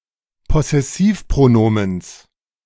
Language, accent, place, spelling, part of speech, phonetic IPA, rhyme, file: German, Germany, Berlin, Possessivpronomens, noun, [pɔsɛˈsiːfpʁoˌnoːməns], -iːfpʁonoːməns, De-Possessivpronomens.ogg
- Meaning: genitive of Possessivpronomen